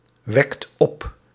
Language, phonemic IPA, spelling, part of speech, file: Dutch, /ˈwɛkt ˈɔp/, wekt op, verb, Nl-wekt op.ogg
- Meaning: inflection of opwekken: 1. second/third-person singular present indicative 2. plural imperative